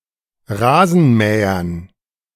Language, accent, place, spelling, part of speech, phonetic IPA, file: German, Germany, Berlin, Rasenmähern, noun, [ˈʁaːzn̩ˌmɛːɐn], De-Rasenmähern.ogg
- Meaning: dative plural of Rasenmäher